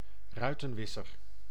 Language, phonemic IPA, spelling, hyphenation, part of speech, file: Dutch, /ˈrœy̯.tə(n)ˌʋɪ.sər/, ruitenwisser, rui‧ten‧wis‧ser, noun, Nl-ruitenwisser.ogg
- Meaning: windshield wiper